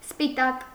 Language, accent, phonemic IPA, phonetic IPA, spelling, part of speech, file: Armenian, Eastern Armenian, /spiˈtɑk/, [spitɑ́k], սպիտակ, adjective / noun, Hy-սպիտակ.ogg
- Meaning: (adjective) white